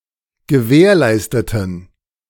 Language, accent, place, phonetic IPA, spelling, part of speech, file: German, Germany, Berlin, [ɡəˈvɛːɐ̯ˌlaɪ̯stətn̩], gewährleisteten, adjective / verb, De-gewährleisteten.ogg
- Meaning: inflection of gewährleisten: 1. first/third-person plural preterite 2. first/third-person plural subjunctive II